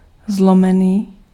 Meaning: broken (fragmented, in separate pieces)
- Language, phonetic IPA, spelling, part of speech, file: Czech, [ˈzlomɛniː], zlomený, adjective, Cs-zlomený.ogg